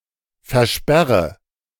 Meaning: inflection of versperren: 1. first-person singular present 2. first/third-person singular subjunctive I 3. singular imperative
- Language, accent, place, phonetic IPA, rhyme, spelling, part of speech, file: German, Germany, Berlin, [fɛɐ̯ˈʃpɛʁə], -ɛʁə, versperre, verb, De-versperre.ogg